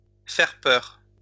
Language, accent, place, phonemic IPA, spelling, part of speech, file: French, France, Lyon, /fɛʁ pœʁ/, faire peur, verb, LL-Q150 (fra)-faire peur.wav
- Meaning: to frighten